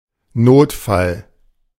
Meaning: emergency, distress
- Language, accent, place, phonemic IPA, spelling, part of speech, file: German, Germany, Berlin, /ˈnoːtfal/, Notfall, noun, De-Notfall.ogg